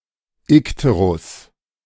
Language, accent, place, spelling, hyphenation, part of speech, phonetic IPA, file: German, Germany, Berlin, Ikterus, Ik‧te‧rus, noun, [ˈɪkteʁʊs], De-Ikterus.ogg
- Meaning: jaundice (morbid condition)